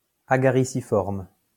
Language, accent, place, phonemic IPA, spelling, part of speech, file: French, France, Lyon, /a.ɡa.ʁi.si.fɔʁm/, agariciforme, adjective, LL-Q150 (fra)-agariciforme.wav
- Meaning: agariciform